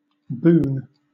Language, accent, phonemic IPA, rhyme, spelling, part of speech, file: English, Southern England, /buːn/, -uːn, boon, noun / adjective, LL-Q1860 (eng)-boon.wav
- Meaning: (noun) 1. A good thing; a thing to be thankful for or to appreciate duly 2. That which is asked or granted as a benefit or favor; a gift or benefaction 3. A prayer; petition